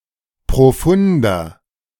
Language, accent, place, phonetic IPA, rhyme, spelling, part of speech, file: German, Germany, Berlin, [pʁoˈfʊndɐ], -ʊndɐ, profunder, adjective, De-profunder.ogg
- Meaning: 1. comparative degree of profund 2. inflection of profund: strong/mixed nominative masculine singular 3. inflection of profund: strong genitive/dative feminine singular